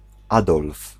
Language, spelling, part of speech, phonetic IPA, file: Polish, Adolf, proper noun, [ˈadɔlf], Pl-Adolf.ogg